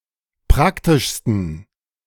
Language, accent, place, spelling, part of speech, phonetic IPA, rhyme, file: German, Germany, Berlin, praktischsten, adjective, [ˈpʁaktɪʃstn̩], -aktɪʃstn̩, De-praktischsten.ogg
- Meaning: 1. superlative degree of praktisch 2. inflection of praktisch: strong genitive masculine/neuter singular superlative degree